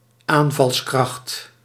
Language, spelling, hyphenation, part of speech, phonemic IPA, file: Dutch, aanvalskracht, aan‧vals‧kracht, noun, /ˈaːn.vɑlsˌkrɑxt/, Nl-aanvalskracht.ogg
- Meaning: attack power, attack strength